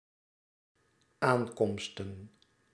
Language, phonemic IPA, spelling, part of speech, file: Dutch, /ˈaŋkɔmstə(n)/, aankomsten, noun, Nl-aankomsten.ogg
- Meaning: plural of aankomst